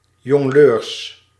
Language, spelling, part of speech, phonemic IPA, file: Dutch, jongleurs, noun, /jɔŋˈlørs/, Nl-jongleurs.ogg
- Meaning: plural of jongleur